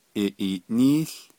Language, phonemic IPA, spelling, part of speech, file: Navajo, /ʔɪ̀ʔìːʔníːɬ/, iʼiiʼnííł, verb / noun, Nv-iʼiiʼnííł.ogg
- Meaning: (verb) 1. voting or balloting takes place 2. to be one of the candidates for political office. Literally, “voting occurs among people for him/her”; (noun) voting